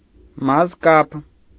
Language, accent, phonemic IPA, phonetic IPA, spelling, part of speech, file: Armenian, Eastern Armenian, /mɑzˈkɑp/, [mɑzkɑ́p], մազկապ, noun, Hy-մազկապ.ogg
- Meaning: hair tie, hairband